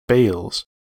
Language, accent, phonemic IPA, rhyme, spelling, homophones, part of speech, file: English, US, /beɪlz/, -eɪlz, bales, bails, noun / verb, En-us-bales.ogg
- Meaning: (noun) plural of bale; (verb) third-person singular simple present indicative of bale